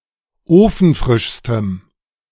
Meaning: strong dative masculine/neuter singular superlative degree of ofenfrisch
- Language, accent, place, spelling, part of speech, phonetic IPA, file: German, Germany, Berlin, ofenfrischstem, adjective, [ˈoːfn̩ˌfʁɪʃstəm], De-ofenfrischstem.ogg